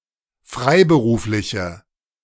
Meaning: inflection of freiberuflich: 1. strong/mixed nominative/accusative feminine singular 2. strong nominative/accusative plural 3. weak nominative all-gender singular
- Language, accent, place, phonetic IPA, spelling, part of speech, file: German, Germany, Berlin, [ˈfʁaɪ̯bəˌʁuːflɪçə], freiberufliche, adjective, De-freiberufliche.ogg